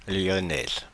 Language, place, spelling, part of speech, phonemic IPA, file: French, Paris, Lyonnaise, noun, /ljɔ.nɛz/, Fr-Lyonnaise.oga
- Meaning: female equivalent of Lyonnais